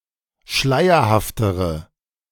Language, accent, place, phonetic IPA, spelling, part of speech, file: German, Germany, Berlin, [ˈʃlaɪ̯ɐhaftəʁə], schleierhaftere, adjective, De-schleierhaftere.ogg
- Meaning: inflection of schleierhaft: 1. strong/mixed nominative/accusative feminine singular comparative degree 2. strong nominative/accusative plural comparative degree